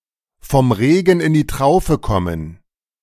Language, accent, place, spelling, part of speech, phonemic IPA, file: German, Germany, Berlin, vom Regen in die Traufe kommen, verb, /fɔm ˌʁeːɡŋ̍ ɪn diː ˈtʁaʊ̯fə kɔmən/, De-vom Regen in die Traufe kommen.ogg
- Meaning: alternative form of vom Regen in die Traufe